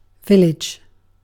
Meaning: 1. A rural habitation of size between a hamlet and a town 2. A rural habitation that has a church, but no market 3. A planned community such as a retirement community or shopping district
- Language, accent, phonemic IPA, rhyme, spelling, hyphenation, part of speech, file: English, UK, /ˈvɪlɪd͡ʒ/, -ɪlɪdʒ, village, vil‧lage, noun, En-uk-village.ogg